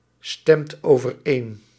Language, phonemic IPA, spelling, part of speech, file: Dutch, /ˈstɛmt ovərˈen/, stemt overeen, verb, Nl-stemt overeen.ogg
- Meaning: inflection of overeenstemmen: 1. second/third-person singular present indicative 2. plural imperative